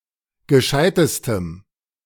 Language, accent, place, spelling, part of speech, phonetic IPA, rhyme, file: German, Germany, Berlin, gescheitestem, adjective, [ɡəˈʃaɪ̯təstəm], -aɪ̯təstəm, De-gescheitestem.ogg
- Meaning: strong dative masculine/neuter singular superlative degree of gescheit